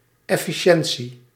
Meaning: efficiency
- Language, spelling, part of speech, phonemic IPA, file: Dutch, efficiëntie, noun, /ˌɛ.fiˈʃɛn.si/, Nl-efficiëntie.ogg